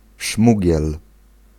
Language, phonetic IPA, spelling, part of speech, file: Polish, [ˈʃmuɟɛl], szmugiel, noun, Pl-szmugiel.ogg